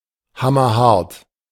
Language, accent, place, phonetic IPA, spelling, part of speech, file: German, Germany, Berlin, [ˈhamɐˌhaʁt], hammerhart, adjective, De-hammerhart.ogg
- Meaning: very hard, difficult